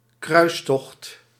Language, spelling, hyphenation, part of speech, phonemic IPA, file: Dutch, kruistocht, kruis‧tocht, noun, /ˈkrœy̯s.tɔxt/, Nl-kruistocht.ogg
- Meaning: 1. crusade, a Christian holy war 2. quest, 'sacred' cause, notably against some evil 3. naval crossing, act of crossing a body of water